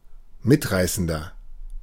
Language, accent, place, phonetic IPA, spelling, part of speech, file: German, Germany, Berlin, [ˈmɪtˌʁaɪ̯sn̩dɐ], mitreißender, adjective, De-mitreißender.ogg
- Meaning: 1. comparative degree of mitreißend 2. inflection of mitreißend: strong/mixed nominative masculine singular 3. inflection of mitreißend: strong genitive/dative feminine singular